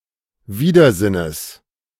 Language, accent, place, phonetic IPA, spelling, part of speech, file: German, Germany, Berlin, [ˈviːdɐˌzɪnəs], Widersinnes, noun, De-Widersinnes.ogg
- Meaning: genitive of Widersinn